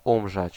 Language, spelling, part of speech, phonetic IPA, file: Polish, umrzeć, verb, [ˈũmʒɛt͡ɕ], Pl-umrzeć.ogg